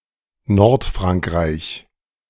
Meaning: northern France
- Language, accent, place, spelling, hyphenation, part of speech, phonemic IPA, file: German, Germany, Berlin, Nordfrankreich, Nord‧frank‧reich, noun, /ˈnɔʁtˌfʁaŋkʁaɪ̯ç/, De-Nordfrankreich.ogg